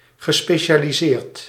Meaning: past participle of specialiseren
- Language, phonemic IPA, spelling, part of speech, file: Dutch, /ɣəˌspeʃaliˈzert/, gespecialiseerd, adjective / verb, Nl-gespecialiseerd.ogg